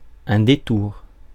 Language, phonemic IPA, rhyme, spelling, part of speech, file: French, /de.tuʁ/, -uʁ, détour, noun, Fr-détour.ogg
- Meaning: 1. detour 2. curve 3. evasion